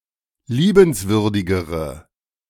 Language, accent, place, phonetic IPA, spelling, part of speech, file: German, Germany, Berlin, [ˈliːbənsvʏʁdɪɡəʁə], liebenswürdigere, adjective, De-liebenswürdigere.ogg
- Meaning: inflection of liebenswürdig: 1. strong/mixed nominative/accusative feminine singular comparative degree 2. strong nominative/accusative plural comparative degree